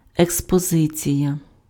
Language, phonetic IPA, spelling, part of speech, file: Ukrainian, [ekspɔˈzɪt͡sʲijɐ], експозиція, noun, Uk-експозиція.ogg
- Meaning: 1. exposition 2. exhibition 3. exposure